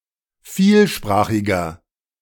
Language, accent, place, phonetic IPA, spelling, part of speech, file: German, Germany, Berlin, [ˈfiːlˌʃpʁaːxɪɡɐ], vielsprachiger, adjective, De-vielsprachiger.ogg
- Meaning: inflection of vielsprachig: 1. strong/mixed nominative masculine singular 2. strong genitive/dative feminine singular 3. strong genitive plural